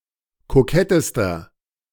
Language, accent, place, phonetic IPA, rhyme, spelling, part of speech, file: German, Germany, Berlin, [koˈkɛtəstɐ], -ɛtəstɐ, kokettester, adjective, De-kokettester.ogg
- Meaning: inflection of kokett: 1. strong/mixed nominative masculine singular superlative degree 2. strong genitive/dative feminine singular superlative degree 3. strong genitive plural superlative degree